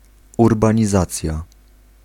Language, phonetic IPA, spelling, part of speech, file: Polish, [ˌurbãɲiˈzat͡sʲja], urbanizacja, noun, Pl-urbanizacja.ogg